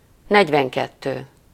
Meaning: forty-two
- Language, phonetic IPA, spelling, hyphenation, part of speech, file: Hungarian, [ˈnɛɟvɛŋkɛtːøː], negyvenkettő, negy‧ven‧ket‧tő, numeral, Hu-negyvenkettő.ogg